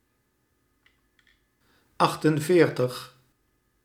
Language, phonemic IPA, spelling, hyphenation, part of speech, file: Dutch, /ˈɑxtənˌveːrtəx/, achtenveertig, acht‧en‧veer‧tig, numeral, Nl-achtenveertig.ogg
- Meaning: forty-eight